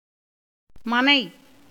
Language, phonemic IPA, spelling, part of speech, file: Tamil, /mɐnɐɪ̯/, மனை, noun, Ta-மனை.ogg
- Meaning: 1. A unit of land area equal to 24 square feet 2. house, mansion 3. wife 4. family, household